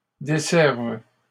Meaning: first/third-person singular present subjunctive of desservir
- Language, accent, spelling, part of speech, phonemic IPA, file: French, Canada, desserve, verb, /de.sɛʁv/, LL-Q150 (fra)-desserve.wav